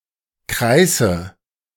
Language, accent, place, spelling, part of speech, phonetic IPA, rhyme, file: German, Germany, Berlin, kreiße, verb, [ˈkʁaɪ̯sə], -aɪ̯sə, De-kreiße.ogg
- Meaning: inflection of kreißen: 1. first-person singular present 2. first/third-person singular subjunctive I 3. singular imperative